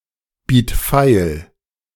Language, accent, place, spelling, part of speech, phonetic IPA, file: German, Germany, Berlin, biet feil, verb, [ˌbiːt ˈfaɪ̯l], De-biet feil.ogg
- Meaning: singular imperative of feilbieten